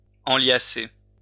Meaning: to bundle together (usually paper)
- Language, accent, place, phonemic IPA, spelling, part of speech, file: French, France, Lyon, /ɑ̃.lja.se/, enliasser, verb, LL-Q150 (fra)-enliasser.wav